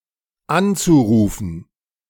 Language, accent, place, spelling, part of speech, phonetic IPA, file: German, Germany, Berlin, anzurufen, verb, [ˈant͡suˌʁuːfn̩], De-anzurufen.ogg
- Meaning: zu-infinitive of anrufen